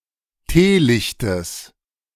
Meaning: genitive singular of Teelicht
- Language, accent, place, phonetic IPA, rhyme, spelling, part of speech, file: German, Germany, Berlin, [ˈteːˌlɪçtəs], -eːlɪçtəs, Teelichtes, noun, De-Teelichtes.ogg